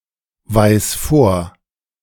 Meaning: singular imperative of vorweisen
- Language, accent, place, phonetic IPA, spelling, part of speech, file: German, Germany, Berlin, [ˌvaɪ̯s ˈfoːɐ̯], weis vor, verb, De-weis vor.ogg